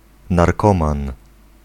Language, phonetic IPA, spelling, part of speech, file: Polish, [narˈkɔ̃mãn], narkoman, noun, Pl-narkoman.ogg